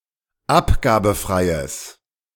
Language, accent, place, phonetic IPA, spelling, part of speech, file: German, Germany, Berlin, [ˈapɡaːbn̩fʁaɪ̯əs], abgabenfreies, adjective, De-abgabenfreies.ogg
- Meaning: strong/mixed nominative/accusative neuter singular of abgabenfrei